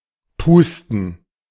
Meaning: to blow (usually with one’s mouth)
- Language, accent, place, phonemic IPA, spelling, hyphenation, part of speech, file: German, Germany, Berlin, /ˈpuːstən/, pusten, pus‧ten, verb, De-pusten.ogg